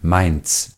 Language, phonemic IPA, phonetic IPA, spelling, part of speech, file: German, /maɪ̯n(t)s/, [maɪ̯nt͡s], Mainz, proper noun, De-Mainz.ogg
- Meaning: Mainz (a city, the state capital of Rhineland-Palatinate, Germany)